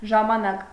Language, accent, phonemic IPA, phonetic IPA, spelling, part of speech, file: Armenian, Eastern Armenian, /ʒɑmɑˈnɑk/, [ʒɑmɑnɑ́k], ժամանակ, noun / conjunction, Hy-ժամանակ.ogg
- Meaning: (noun) 1. time 2. tense; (conjunction) during, at the time of